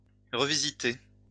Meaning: 1. to revisit, to visit again 2. to revisit, to redo, to restyle
- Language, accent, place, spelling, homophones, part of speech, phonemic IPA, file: French, France, Lyon, revisiter, revisitai / revisité / revisitée / revisitées / revisités / revisitez, verb, /ʁə.vi.zi.te/, LL-Q150 (fra)-revisiter.wav